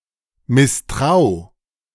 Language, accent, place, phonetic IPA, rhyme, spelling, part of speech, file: German, Germany, Berlin, [mɪsˈtʁaʊ̯], -aʊ̯, misstrau, verb, De-misstrau.ogg
- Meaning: 1. singular imperative of misstrauen 2. first-person singular present of misstrauen